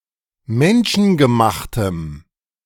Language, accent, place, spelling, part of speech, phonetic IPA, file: German, Germany, Berlin, menschengemachtem, adjective, [ˈmɛnʃn̩ɡəˌmaxtəm], De-menschengemachtem.ogg
- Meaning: strong dative masculine/neuter singular of menschengemacht